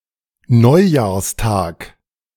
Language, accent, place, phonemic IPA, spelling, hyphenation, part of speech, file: German, Germany, Berlin, /ˈnɔɪ̯jaːɐ̯sˌtaːk/, Neujahrstag, Neu‧jahrs‧tag, noun, De-Neujahrstag.ogg
- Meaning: New Year's Day